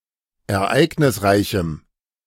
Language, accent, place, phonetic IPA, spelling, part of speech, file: German, Germany, Berlin, [ɛɐ̯ˈʔaɪ̯ɡnɪsˌʁaɪ̯çm̩], ereignisreichem, adjective, De-ereignisreichem.ogg
- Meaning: strong dative masculine/neuter singular of ereignisreich